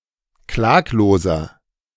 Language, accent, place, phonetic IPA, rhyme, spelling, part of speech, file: German, Germany, Berlin, [ˈklaːkloːzɐ], -aːkloːzɐ, klagloser, adjective, De-klagloser.ogg
- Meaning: 1. comparative degree of klaglos 2. inflection of klaglos: strong/mixed nominative masculine singular 3. inflection of klaglos: strong genitive/dative feminine singular